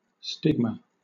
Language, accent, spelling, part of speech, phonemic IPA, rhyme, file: English, Southern England, stigma, noun, /ˈstɪɡmə/, -ɪɡmə, LL-Q1860 (eng)-stigma.wav
- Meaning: 1. An indication of infamy or disgrace 2. An indication of infamy or disgrace.: A permanent identity mark branded, cut or tattooed onto the skin, typically given to slaves, criminals and traitors